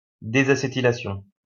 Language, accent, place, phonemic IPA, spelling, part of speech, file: French, France, Lyon, /de.za.se.ti.la.sjɔ̃/, désacétylation, noun, LL-Q150 (fra)-désacétylation.wav
- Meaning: deacetylation